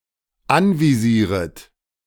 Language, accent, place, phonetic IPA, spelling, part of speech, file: German, Germany, Berlin, [ˈanviˌziːʁət], anvisieret, verb, De-anvisieret.ogg
- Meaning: second-person plural dependent subjunctive I of anvisieren